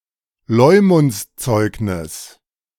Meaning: 1. a testimony delivered on someone's reputation 2. certificate/proof of (good) conduct
- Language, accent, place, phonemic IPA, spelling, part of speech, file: German, Germany, Berlin, /ˈlɔʏ̯mʊntsˌtsɔɪ̯knɪs/, Leumundszeugnis, noun, De-Leumundszeugnis.ogg